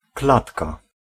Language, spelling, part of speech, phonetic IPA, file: Polish, klatka, noun, [ˈklatka], Pl-klatka.ogg